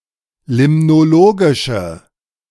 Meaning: inflection of limnologisch: 1. strong/mixed nominative/accusative feminine singular 2. strong nominative/accusative plural 3. weak nominative all-gender singular
- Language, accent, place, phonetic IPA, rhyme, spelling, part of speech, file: German, Germany, Berlin, [ˌlɪmnoˈloːɡɪʃə], -oːɡɪʃə, limnologische, adjective, De-limnologische.ogg